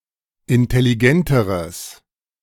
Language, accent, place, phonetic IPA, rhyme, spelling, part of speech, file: German, Germany, Berlin, [ɪntɛliˈɡɛntəʁəs], -ɛntəʁəs, intelligenteres, adjective, De-intelligenteres.ogg
- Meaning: strong/mixed nominative/accusative neuter singular comparative degree of intelligent